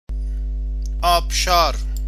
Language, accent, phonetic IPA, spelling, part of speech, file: Persian, Iran, [ʔɒːb.ʃɒːɹ], آبشار, noun, Fa-آبشار.ogg
- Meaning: waterfall; cascade